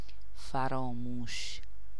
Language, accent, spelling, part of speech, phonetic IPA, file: Persian, Iran, فراموش, adjective, [fæ.ɹɒː.múːʃ], Fa-فراموش.ogg
- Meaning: forgotten